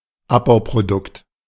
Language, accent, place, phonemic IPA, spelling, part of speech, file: German, Germany, Berlin, /ˈapbaʊ̯prodʊkt/, Abbauprodukt, noun, De-Abbauprodukt.ogg
- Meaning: product of the decomposition of a long-chain molecule